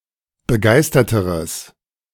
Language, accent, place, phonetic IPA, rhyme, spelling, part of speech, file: German, Germany, Berlin, [bəˈɡaɪ̯stɐtəʁəs], -aɪ̯stɐtəʁəs, begeisterteres, adjective, De-begeisterteres.ogg
- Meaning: strong/mixed nominative/accusative neuter singular comparative degree of begeistert